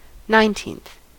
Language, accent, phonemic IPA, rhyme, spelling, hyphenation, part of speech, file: English, US, /ˌnaɪnˈtiːnθ/, -iːnθ, nineteenth, nine‧teenth, adjective / noun, En-us-nineteenth.ogg
- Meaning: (adjective) The ordinal form of the number nineteen; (noun) 1. The person or thing in the nineteenth position 2. One of nineteen equal parts of a whole